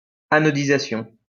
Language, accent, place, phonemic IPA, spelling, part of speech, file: French, France, Lyon, /a.nɔ.di.za.sjɔ̃/, anodisation, noun, LL-Q150 (fra)-anodisation.wav
- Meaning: anodization